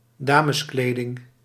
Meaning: women's wear, women's clothes
- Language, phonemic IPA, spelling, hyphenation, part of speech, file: Dutch, /ˈdaː.məsˌkleː.dɪŋ/, dameskleding, da‧mes‧kle‧ding, noun, Nl-dameskleding.ogg